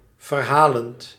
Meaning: present participle of verhalen
- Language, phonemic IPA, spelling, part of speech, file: Dutch, /vərˈhalənt/, verhalend, verb / adjective, Nl-verhalend.ogg